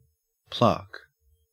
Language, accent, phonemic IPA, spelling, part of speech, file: English, Australia, /plaːk/, plaque, noun, En-au-plaque.ogg